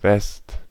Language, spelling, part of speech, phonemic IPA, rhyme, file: German, West, noun, /ˈvɛst/, -ɛst, De-West.ogg
- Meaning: 1. the west (used without article; a short form of Westen) 2. a wind coming from the west (used with article)